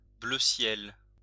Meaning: sky blue (of a pale blue colour)
- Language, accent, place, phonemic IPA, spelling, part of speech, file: French, France, Lyon, /blø sjɛl/, bleu ciel, adjective, LL-Q150 (fra)-bleu ciel.wav